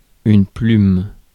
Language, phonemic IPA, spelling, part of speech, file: French, /plym/, plume, noun / verb, Fr-plume.ogg
- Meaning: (noun) 1. feather 2. quill 3. nib, the writing end of a fountain pen or a dip pen 4. writer, penman; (verb) inflection of plumer: first/third-person singular present indicative/subjunctive